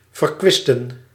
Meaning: to waste
- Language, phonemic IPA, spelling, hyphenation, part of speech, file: Dutch, /vərˈkʋɪs.tə(n)/, verkwisten, ver‧kwis‧ten, verb, Nl-verkwisten.ogg